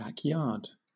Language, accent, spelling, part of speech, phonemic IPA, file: English, Southern England, backyard, noun, /bækˈjɑːd/, LL-Q1860 (eng)-backyard.wav
- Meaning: 1. A yard to the rear of a house or similar residence 2. A person's neighborhood, or an area nearby to a person's usual residence or place of work and where the person is likely to go